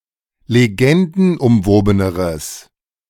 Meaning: strong/mixed nominative/accusative neuter singular comparative degree of legendenumwoben
- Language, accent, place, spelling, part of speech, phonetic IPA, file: German, Germany, Berlin, legendenumwobeneres, adjective, [leˈɡɛndn̩ʔʊmˌvoːbənəʁəs], De-legendenumwobeneres.ogg